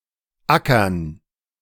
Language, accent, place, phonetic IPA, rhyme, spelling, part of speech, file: German, Germany, Berlin, [ˈakɐn], -akɐn, Ackern, noun, De-Ackern.ogg
- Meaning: gerund of ackern